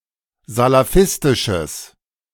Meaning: strong/mixed nominative/accusative neuter singular of salafistisch
- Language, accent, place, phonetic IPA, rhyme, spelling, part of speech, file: German, Germany, Berlin, [zalaˈfɪstɪʃəs], -ɪstɪʃəs, salafistisches, adjective, De-salafistisches.ogg